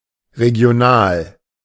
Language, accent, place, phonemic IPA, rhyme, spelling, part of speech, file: German, Germany, Berlin, /ʁeɡi̯oˈnaːl/, -aːl, regional, adjective, De-regional.ogg
- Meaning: regional